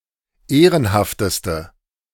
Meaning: inflection of ehrenhaft: 1. strong/mixed nominative/accusative feminine singular superlative degree 2. strong nominative/accusative plural superlative degree
- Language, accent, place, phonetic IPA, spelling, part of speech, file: German, Germany, Berlin, [ˈeːʁənhaftəstə], ehrenhafteste, adjective, De-ehrenhafteste.ogg